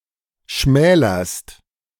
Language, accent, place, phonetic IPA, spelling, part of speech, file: German, Germany, Berlin, [ˈʃmɛːlɐst], schmälerst, verb, De-schmälerst.ogg
- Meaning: second-person singular present of schmälern